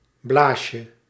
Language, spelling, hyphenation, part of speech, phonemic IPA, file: Dutch, blaasje, blaas‧je, noun, /ˈblaː.ʃə/, Nl-blaasje.ogg
- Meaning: 1. diminutive of blaas (“bladder”) 2. blister 3. pimple 4. vesicle